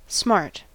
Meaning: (verb) 1. To hurt or sting 2. To cause a smart or sting in 3. To feel a pungent pain of mind; to feel sharp pain or grief; to be punished severely; to feel the sting of evil
- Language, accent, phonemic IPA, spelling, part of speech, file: English, US, /smɑɹt/, smart, verb / adjective / noun, En-us-smart.ogg